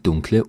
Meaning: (adjective) 1. inflection of dunkel 2. inflection of dunkel: strong/mixed nominative/accusative feminine singular 3. inflection of dunkel: strong nominative/accusative plural
- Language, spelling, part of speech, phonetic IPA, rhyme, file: German, dunkle, adjective, [ˈdʊŋklə], -ʊŋklə, De-dunkle.ogg